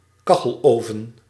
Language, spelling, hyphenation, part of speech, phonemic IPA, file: Dutch, kacheloven, ka‧chel‧oven, noun, /ˈkɑ.xəlˌoː.və(n)/, Nl-kacheloven.ogg
- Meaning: cocklestove, tiled stove